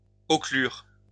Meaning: to occlude
- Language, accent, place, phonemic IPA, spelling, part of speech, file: French, France, Lyon, /ɔ.klyʁ/, occlure, verb, LL-Q150 (fra)-occlure.wav